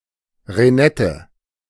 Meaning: reinette (group of apple cultivars)
- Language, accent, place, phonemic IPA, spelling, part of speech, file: German, Germany, Berlin, /ʁeˈnɛtə/, Renette, noun, De-Renette.ogg